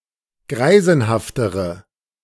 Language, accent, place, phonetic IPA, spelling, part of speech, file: German, Germany, Berlin, [ˈɡʁaɪ̯zn̩haftəʁə], greisenhaftere, adjective, De-greisenhaftere.ogg
- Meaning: inflection of greisenhaft: 1. strong/mixed nominative/accusative feminine singular comparative degree 2. strong nominative/accusative plural comparative degree